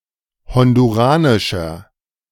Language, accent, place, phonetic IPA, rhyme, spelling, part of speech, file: German, Germany, Berlin, [ˌhɔnduˈʁaːnɪʃɐ], -aːnɪʃɐ, honduranischer, adjective, De-honduranischer.ogg
- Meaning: inflection of honduranisch: 1. strong/mixed nominative masculine singular 2. strong genitive/dative feminine singular 3. strong genitive plural